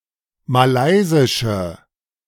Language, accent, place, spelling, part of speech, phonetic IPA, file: German, Germany, Berlin, malaysische, adjective, [maˈlaɪ̯zɪʃə], De-malaysische.ogg
- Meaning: inflection of malaysisch: 1. strong/mixed nominative/accusative feminine singular 2. strong nominative/accusative plural 3. weak nominative all-gender singular